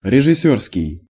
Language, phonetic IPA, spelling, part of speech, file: Russian, [rʲɪʐɨˈsʲɵrskʲɪj], режиссёрский, adjective, Ru-режиссёрский.ogg
- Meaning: film director; (film) directorial